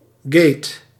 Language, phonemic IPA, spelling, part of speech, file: Dutch, /ɡet/, gate, noun, Nl-gate.ogg
- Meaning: 1. airport gate 2. scandal